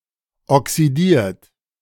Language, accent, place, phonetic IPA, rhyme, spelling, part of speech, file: German, Germany, Berlin, [ɔksiˈdiːɐ̯t], -iːɐ̯t, oxidiert, verb, De-oxidiert.ogg
- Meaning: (verb) past participle of oxidieren; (adjective) oxidized